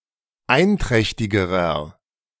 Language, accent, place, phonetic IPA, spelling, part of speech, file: German, Germany, Berlin, [ˈaɪ̯nˌtʁɛçtɪɡəʁɐ], einträchtigerer, adjective, De-einträchtigerer.ogg
- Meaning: inflection of einträchtig: 1. strong/mixed nominative masculine singular comparative degree 2. strong genitive/dative feminine singular comparative degree 3. strong genitive plural comparative degree